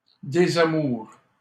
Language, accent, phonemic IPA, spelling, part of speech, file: French, Canada, /de.za.muʁ/, désamour, noun, LL-Q150 (fra)-désamour.wav
- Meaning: unlove (lack, absence, or omission of love)